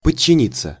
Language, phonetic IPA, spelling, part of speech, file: Russian, [pət͡ɕːɪˈnʲit͡sːə], подчиниться, verb, Ru-подчиниться.ogg
- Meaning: 1. to obey, to submit to, to surrender, to be subordinate to 2. passive of подчини́ть (podčinítʹ)